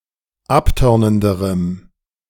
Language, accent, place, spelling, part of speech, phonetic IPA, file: German, Germany, Berlin, abtörnenderem, adjective, [ˈapˌtœʁnəndəʁəm], De-abtörnenderem.ogg
- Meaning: strong dative masculine/neuter singular comparative degree of abtörnend